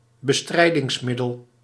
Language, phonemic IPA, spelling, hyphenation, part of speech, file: Dutch, /bəˈstrɛi̯.dɪŋsˌmɪ.dəl/, bestrijdingsmiddel, be‧strij‧dings‧mid‧del, noun, Nl-bestrijdingsmiddel.ogg
- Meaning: a chemical or biological agent used for exterminating undesired organisms; a pesticide, herbicide or fungicide